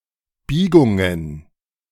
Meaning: plural of Biegung
- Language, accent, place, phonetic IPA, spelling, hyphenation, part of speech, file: German, Germany, Berlin, [ˈbiːɡʊŋən], Biegungen, Bie‧gun‧gen, noun, De-Biegungen.ogg